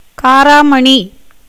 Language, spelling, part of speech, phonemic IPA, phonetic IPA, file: Tamil, காராமணி, noun, /kɑːɾɑːmɐɳiː/, [käːɾäːmɐɳiː], Ta-காராமணி.ogg
- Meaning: cowpea, black-eyed pea